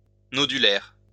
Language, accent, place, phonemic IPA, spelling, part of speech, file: French, France, Lyon, /nɔ.dy.lɛʁ/, nodulaire, adjective, LL-Q150 (fra)-nodulaire.wav
- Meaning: nodular